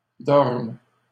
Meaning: third-person plural present indicative/subjunctive of dormir
- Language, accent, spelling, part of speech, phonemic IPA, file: French, Canada, dorment, verb, /dɔʁm/, LL-Q150 (fra)-dorment.wav